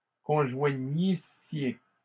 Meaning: second-person plural imperfect subjunctive of conjoindre
- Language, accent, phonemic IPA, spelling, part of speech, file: French, Canada, /kɔ̃.ʒwa.ɲi.sje/, conjoignissiez, verb, LL-Q150 (fra)-conjoignissiez.wav